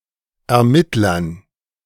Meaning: dative plural of Ermittler
- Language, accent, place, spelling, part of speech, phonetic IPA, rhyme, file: German, Germany, Berlin, Ermittlern, noun, [ɛɐ̯ˈmɪtlɐn], -ɪtlɐn, De-Ermittlern.ogg